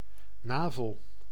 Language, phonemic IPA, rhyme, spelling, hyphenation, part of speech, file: Dutch, /ˈnaː.vəl/, -aːvəl, navel, na‧vel, noun, Nl-navel.ogg
- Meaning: navel